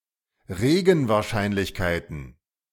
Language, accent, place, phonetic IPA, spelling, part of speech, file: German, Germany, Berlin, [ˈʁeːɡn̩vaːɐ̯ˌʃaɪ̯nlɪçkaɪ̯tn̩], Regenwahrscheinlichkeiten, noun, De-Regenwahrscheinlichkeiten.ogg
- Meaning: plural of Regenwahrscheinlichkeit